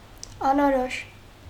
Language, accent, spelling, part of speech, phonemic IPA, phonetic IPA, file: Armenian, Eastern Armenian, անորոշ, adjective, /ɑnoˈɾoʃ/, [ɑnoɾóʃ], Hy-անորոշ.ogg
- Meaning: indefinite, indistinct, vague